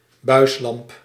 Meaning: tubular fluorescent lamp
- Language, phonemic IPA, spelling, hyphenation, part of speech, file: Dutch, /ˈbœy̯slɑmp/, buislamp, buis‧lamp, noun, Nl-buislamp.ogg